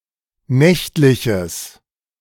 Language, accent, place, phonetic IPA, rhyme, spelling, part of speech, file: German, Germany, Berlin, [ˈnɛçtlɪçəs], -ɛçtlɪçəs, nächtliches, adjective, De-nächtliches.ogg
- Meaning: strong/mixed nominative/accusative neuter singular of nächtlich